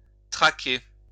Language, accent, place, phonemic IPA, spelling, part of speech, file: French, France, Lyon, /tʁa.ke/, traquer, verb, LL-Q150 (fra)-traquer.wav
- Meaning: 1. to track, follow 2. to track down, hunt down; to hound